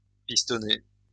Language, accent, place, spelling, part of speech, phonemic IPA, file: French, France, Lyon, pistonner, verb, /pis.tɔ.ne/, LL-Q150 (fra)-pistonner.wav
- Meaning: to put in a good word for somebody, to pull strings for somebody (apply influence)